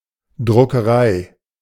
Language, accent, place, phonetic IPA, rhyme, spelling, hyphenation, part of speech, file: German, Germany, Berlin, [dʀʊkəˈʀaɪ̯], -aɪ̯, Druckerei, Dru‧cke‧rei, noun, De-Druckerei.ogg
- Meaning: 1. printing house, printery 2. art of printing